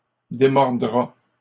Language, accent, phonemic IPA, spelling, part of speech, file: French, Canada, /de.mɔʁ.dʁa/, démordra, verb, LL-Q150 (fra)-démordra.wav
- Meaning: third-person singular simple future of démordre